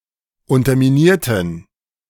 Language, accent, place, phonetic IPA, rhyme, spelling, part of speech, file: German, Germany, Berlin, [ˌʊntɐmiˈniːɐ̯tn̩], -iːɐ̯tn̩, unterminierten, adjective / verb, De-unterminierten.ogg
- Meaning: inflection of unterminiert: 1. strong genitive masculine/neuter singular 2. weak/mixed genitive/dative all-gender singular 3. strong/weak/mixed accusative masculine singular 4. strong dative plural